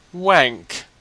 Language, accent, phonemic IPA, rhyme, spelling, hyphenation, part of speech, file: English, Australia, /ˈwæŋk/, -æŋk, wank, wank, verb / noun, En-au-wank.ogg
- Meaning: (verb) 1. To masturbate 2. To argue in an inappropriate manner or about pretentious or insubstantial matters; to engage in wank; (noun) 1. An act of masturbation 2. An undesirable person